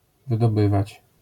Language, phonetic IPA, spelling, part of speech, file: Polish, [ˌvɨdɔˈbɨvat͡ɕ], wydobywać, verb, LL-Q809 (pol)-wydobywać.wav